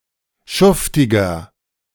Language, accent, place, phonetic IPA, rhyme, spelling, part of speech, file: German, Germany, Berlin, [ˈʃʊftɪɡɐ], -ʊftɪɡɐ, schuftiger, adjective, De-schuftiger.ogg
- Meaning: 1. comparative degree of schuftig 2. inflection of schuftig: strong/mixed nominative masculine singular 3. inflection of schuftig: strong genitive/dative feminine singular